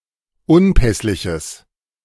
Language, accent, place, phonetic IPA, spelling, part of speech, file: German, Germany, Berlin, [ˈʊnˌpɛslɪçəs], unpässliches, adjective, De-unpässliches.ogg
- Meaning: strong/mixed nominative/accusative neuter singular of unpässlich